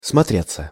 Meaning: 1. to look at oneself 2. to be acceptable to the eye, to look (well or bad) 3. to produce an effect 4. passive of смотре́ть (smotrétʹ)
- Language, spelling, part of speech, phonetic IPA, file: Russian, смотреться, verb, [smɐˈtrʲet͡sːə], Ru-смотреться.ogg